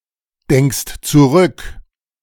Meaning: second-person singular present of zurückdenken
- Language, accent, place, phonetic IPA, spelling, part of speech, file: German, Germany, Berlin, [ˌdɛŋkst t͡suˈʁʏk], denkst zurück, verb, De-denkst zurück.ogg